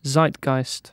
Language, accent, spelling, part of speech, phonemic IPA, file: English, UK, zeitgeist, noun, /ˈzaɪtˌɡaɪst/, En-uk-zeitgeist.ogg
- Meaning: The spirit of the age; the taste, outlook, and spirit characteristic of a period